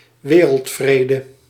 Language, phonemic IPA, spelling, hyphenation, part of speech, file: Dutch, /ˈʋeː.rəltˌfreː.də/, wereldvrede, we‧reld‧vre‧de, noun, Nl-wereldvrede.ogg
- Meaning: world peace